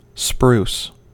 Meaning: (noun) 1. Any of various large coniferous evergreen trees or shrubs from the genus Picea, found in northern temperate and boreal regions; originally and more fully spruce fir 2. The wood of a spruce
- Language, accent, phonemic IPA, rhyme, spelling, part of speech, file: English, US, /spɹuːs/, -uːs, spruce, noun / adjective / verb, En-us-spruce.ogg